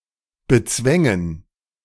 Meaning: first/third-person plural subjunctive II of bezwingen
- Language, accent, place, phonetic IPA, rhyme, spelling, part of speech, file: German, Germany, Berlin, [bəˈt͡svɛŋən], -ɛŋən, bezwängen, verb, De-bezwängen.ogg